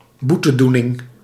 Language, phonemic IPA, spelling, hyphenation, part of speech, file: Dutch, /ˈbu.təˌdu.nɪŋ/, boetedoening, boe‧te‧doe‧ning, noun, Nl-boetedoening.ogg
- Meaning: 1. act of making amends 2. atonement 3. act of serving a sentence